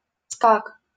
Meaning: gallop
- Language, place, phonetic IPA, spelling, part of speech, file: Russian, Saint Petersburg, [skak], скак, noun, LL-Q7737 (rus)-скак.wav